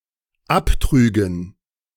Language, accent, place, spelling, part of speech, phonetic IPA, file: German, Germany, Berlin, abtrügen, verb, [ˈapˌtʁyːɡn̩], De-abtrügen.ogg
- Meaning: first/third-person plural dependent subjunctive II of abtragen